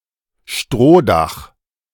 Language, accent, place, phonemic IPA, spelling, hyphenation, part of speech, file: German, Germany, Berlin, /ˈʃtʁoːˌdaχ/, Strohdach, Stroh‧dach, noun, De-Strohdach.ogg
- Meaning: thatched roof